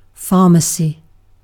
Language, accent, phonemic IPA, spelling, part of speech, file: English, UK, /ˈfɑːməsi/, pharmacy, noun, En-uk-pharmacy.ogg
- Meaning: 1. A place where prescription drugs are sold or dispensed 2. The science of medicinal substances, inclusive of pharmaceutics, pharmaceutical chemistry, pharmacology, phytochemistry, and forensics